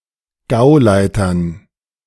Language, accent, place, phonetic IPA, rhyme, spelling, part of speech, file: German, Germany, Berlin, [ˈɡaʊ̯ˌlaɪ̯tɐn], -aʊ̯laɪ̯tɐn, Gauleitern, noun, De-Gauleitern.ogg
- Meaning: dative plural of Gauleiter